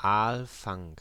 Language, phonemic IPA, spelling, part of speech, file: German, /ˈɑːlˌfaŋ/, Aalfang, noun, De-Aalfang.ogg
- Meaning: 1. the catching of eels, eel fishing 2. an eelbuck, a device placed in flowing water to catch eels 3. a pond or place to catch or keep eels